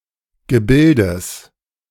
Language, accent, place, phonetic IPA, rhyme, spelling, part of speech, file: German, Germany, Berlin, [ɡəˈbɪldəs], -ɪldəs, Gebildes, noun, De-Gebildes.ogg
- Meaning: genitive singular of Gebilde